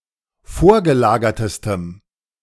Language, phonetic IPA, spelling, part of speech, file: German, [ˈfoːɐ̯ɡəˌlaːɡɐtəstəm], vorgelagertestem, adjective, De-vorgelagertestem.ogg